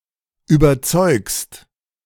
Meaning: second-person singular present of überzeugen
- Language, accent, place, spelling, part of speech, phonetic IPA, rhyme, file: German, Germany, Berlin, überzeugst, verb, [yːbɐˈt͡sɔɪ̯kst], -ɔɪ̯kst, De-überzeugst.ogg